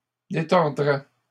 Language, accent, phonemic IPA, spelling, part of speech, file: French, Canada, /de.tɔʁ.dʁɛ/, détordrait, verb, LL-Q150 (fra)-détordrait.wav
- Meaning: third-person singular conditional of détordre